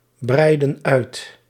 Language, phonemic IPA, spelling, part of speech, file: Dutch, /ˈbrɛidə(n) ˈœyt/, breidden uit, verb, Nl-breidden uit.ogg
- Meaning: inflection of uitbreiden: 1. plural past indicative 2. plural past subjunctive